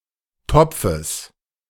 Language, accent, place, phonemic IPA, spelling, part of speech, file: German, Germany, Berlin, /ˈtɔpfəs/, Topfes, noun, De-Topfes.ogg
- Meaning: genitive singular of Topf